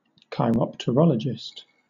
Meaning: Someone who studies bats (the flying mammals)
- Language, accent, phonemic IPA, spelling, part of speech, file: English, Southern England, /kaɪˌɹɒptəˈɹɒlədʒɪst/, chiropterologist, noun, LL-Q1860 (eng)-chiropterologist.wav